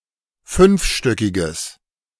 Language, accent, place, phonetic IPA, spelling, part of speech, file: German, Germany, Berlin, [ˈfʏnfˌʃtœkɪɡəs], fünfstöckiges, adjective, De-fünfstöckiges.ogg
- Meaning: strong/mixed nominative/accusative neuter singular of fünfstöckig